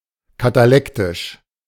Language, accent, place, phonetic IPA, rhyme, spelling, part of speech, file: German, Germany, Berlin, [kataˈlɛktɪʃ], -ɛktɪʃ, katalektisch, adjective, De-katalektisch.ogg
- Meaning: catalectic